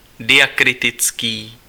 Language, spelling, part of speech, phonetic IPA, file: Czech, diakritický, adjective, [ˈdɪjakrɪtɪt͡skiː], Cs-diakritický.ogg
- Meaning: diacritical (of, pertaining to, or serving as a diacritic)